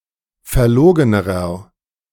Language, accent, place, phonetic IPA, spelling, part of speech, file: German, Germany, Berlin, [fɛɐ̯ˈloːɡənəʁɐ], verlogenerer, adjective, De-verlogenerer.ogg
- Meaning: inflection of verlogen: 1. strong/mixed nominative masculine singular comparative degree 2. strong genitive/dative feminine singular comparative degree 3. strong genitive plural comparative degree